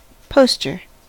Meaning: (noun) 1. A picture of a celebrity, an event etc., intended to be attached to a wall 2. An advertisement to be posted on a pole, wall etc. to advertise something 3. One who posts a message
- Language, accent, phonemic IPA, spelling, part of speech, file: English, US, /ˈpoʊstɚ/, poster, noun / verb, En-us-poster.ogg